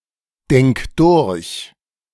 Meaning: singular imperative of durchdenken
- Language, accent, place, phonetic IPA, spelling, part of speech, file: German, Germany, Berlin, [ˌdɛŋk ˈdʊʁç], denk durch, verb, De-denk durch.ogg